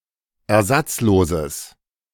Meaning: strong/mixed nominative/accusative neuter singular of ersatzlos
- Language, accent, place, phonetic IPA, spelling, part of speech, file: German, Germany, Berlin, [ɛɐ̯ˈzat͡sˌloːzəs], ersatzloses, adjective, De-ersatzloses.ogg